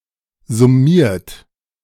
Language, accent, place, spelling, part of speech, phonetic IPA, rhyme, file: German, Germany, Berlin, summiert, verb, [zʊˈmiːɐ̯t], -iːɐ̯t, De-summiert.ogg
- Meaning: 1. past participle of summieren 2. inflection of summieren: third-person singular present 3. inflection of summieren: second-person plural present 4. inflection of summieren: plural imperative